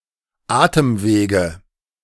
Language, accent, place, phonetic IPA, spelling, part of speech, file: German, Germany, Berlin, [ˈaːtəmˌveːɡə], Atemwege, noun, De-Atemwege.ogg
- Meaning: nominative/accusative/genitive plural of Atemweg